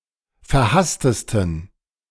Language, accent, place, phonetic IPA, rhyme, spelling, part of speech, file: German, Germany, Berlin, [fɛɐ̯ˈhastəstn̩], -astəstn̩, verhasstesten, adjective, De-verhasstesten.ogg
- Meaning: 1. superlative degree of verhasst 2. inflection of verhasst: strong genitive masculine/neuter singular superlative degree